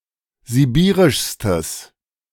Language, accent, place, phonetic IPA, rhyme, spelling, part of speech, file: German, Germany, Berlin, [ziˈbiːʁɪʃstəs], -iːʁɪʃstəs, sibirischstes, adjective, De-sibirischstes.ogg
- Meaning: strong/mixed nominative/accusative neuter singular superlative degree of sibirisch